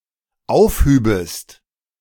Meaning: second-person singular dependent subjunctive II of aufheben
- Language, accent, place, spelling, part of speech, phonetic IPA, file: German, Germany, Berlin, aufhübest, verb, [ˈaʊ̯fˌhyːbəst], De-aufhübest.ogg